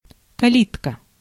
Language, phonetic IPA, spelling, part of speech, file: Russian, [kɐˈlʲitkə], калитка, noun, Ru-калитка.ogg
- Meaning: 1. small door in a fence; wicket gate 2. a small pie 3. Steins;Gate